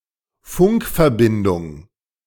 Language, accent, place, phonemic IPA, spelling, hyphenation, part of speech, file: German, Germany, Berlin, /ˈfʊŋkfɛɐ̯bɪndʊŋ/, Funkverbindung, Funk‧ver‧bin‧dung, noun, De-Funkverbindung.ogg
- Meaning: radio communication, radio contact